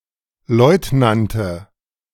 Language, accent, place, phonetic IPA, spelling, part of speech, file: German, Germany, Berlin, [ˈlɔɪ̯tnantə], Leutnante, noun, De-Leutnante.ogg
- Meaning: nominative/accusative/genitive plural of Leutnant